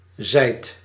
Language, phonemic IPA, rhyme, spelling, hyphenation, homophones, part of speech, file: Dutch, /ˈzɛi̯t/, -ɛi̯t, zijt, zijt, zijd, verb, Nl-zijt.ogg
- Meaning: second-person (gij) singular present indicative of zijn